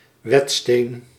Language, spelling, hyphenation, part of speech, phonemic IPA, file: Dutch, wetsteen, wet‧steen, noun, /ˈʋɛt.steːn/, Nl-wetsteen.ogg
- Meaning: a whetstone